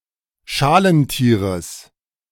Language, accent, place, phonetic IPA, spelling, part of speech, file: German, Germany, Berlin, [ˈʃaːlənˌtiːʁəs], Schalentieres, noun, De-Schalentieres.ogg
- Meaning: genitive of Schalentier